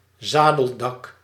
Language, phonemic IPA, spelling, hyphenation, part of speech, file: Dutch, /ˈzaːdəldɑk/, zadeldak, za‧del‧dak, noun, Nl-zadeldak.ogg
- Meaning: gable roof